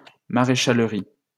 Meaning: 1. farriery (the work done by a farrier) 2. farriery (a farrier's workshop)
- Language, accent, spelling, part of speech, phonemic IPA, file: French, France, maréchalerie, noun, /ma.ʁe.ʃal.ʁi/, LL-Q150 (fra)-maréchalerie.wav